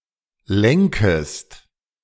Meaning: second-person singular subjunctive I of lenken
- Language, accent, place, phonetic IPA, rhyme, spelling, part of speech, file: German, Germany, Berlin, [ˈlɛŋkəst], -ɛŋkəst, lenkest, verb, De-lenkest.ogg